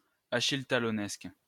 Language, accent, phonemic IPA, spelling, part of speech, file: French, France, /a.ʃil.ta.lɔ.nɛsk/, achilletalonesque, adjective, LL-Q150 (fra)-achilletalonesque.wav
- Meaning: of Achille Talon